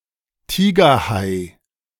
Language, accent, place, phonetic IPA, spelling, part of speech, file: German, Germany, Berlin, [ˈtiːɡɐˌhaɪ̯], Tigerhai, noun, De-Tigerhai.ogg
- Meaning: tiger shark